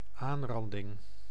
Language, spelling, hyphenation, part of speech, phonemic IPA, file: Dutch, aanranding, aan‧ran‧ding, noun, /ˈaːnˌrɑndɪŋ/, Nl-aanranding.ogg
- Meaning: 1. sexual assault, (an instance of) physical sexual abuse 2. an assault, a violent attack